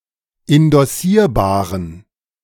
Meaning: inflection of indossierbar: 1. strong genitive masculine/neuter singular 2. weak/mixed genitive/dative all-gender singular 3. strong/weak/mixed accusative masculine singular 4. strong dative plural
- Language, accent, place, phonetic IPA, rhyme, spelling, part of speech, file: German, Germany, Berlin, [ɪndɔˈsiːɐ̯baːʁən], -iːɐ̯baːʁən, indossierbaren, adjective, De-indossierbaren.ogg